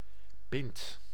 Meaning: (noun) a glass of beer (usually 25 cl or 33cl, not an imperial pint); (verb) inflection of pinnen: 1. second/third-person singular present indicative 2. plural imperative
- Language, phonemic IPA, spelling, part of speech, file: Dutch, /pɪnt/, pint, noun / verb, Nl-pint.ogg